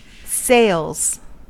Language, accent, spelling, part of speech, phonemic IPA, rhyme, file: English, US, sails, noun / verb, /seɪlz/, -eɪlz, En-us-sails.ogg
- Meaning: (noun) 1. plural of sail 2. The sailmaker on board ship; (verb) third-person singular simple present indicative of sail